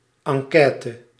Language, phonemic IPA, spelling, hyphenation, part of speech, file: Dutch, /ˌɑŋˈkɛː.tə/, enquête, en‧quê‧te, noun, Nl-enquête.ogg
- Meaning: 1. survey (set of questions about opinions) 2. investigation (e.g. a congressional investigation)